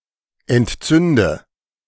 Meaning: inflection of entzünden: 1. first-person singular present 2. first/third-person singular subjunctive I 3. singular imperative
- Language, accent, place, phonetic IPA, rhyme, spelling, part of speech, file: German, Germany, Berlin, [ɛntˈt͡sʏndə], -ʏndə, entzünde, verb, De-entzünde.ogg